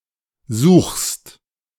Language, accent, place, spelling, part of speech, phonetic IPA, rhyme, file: German, Germany, Berlin, suchst, verb, [zuːxst], -uːxst, De-suchst.ogg
- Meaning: second-person singular present of suchen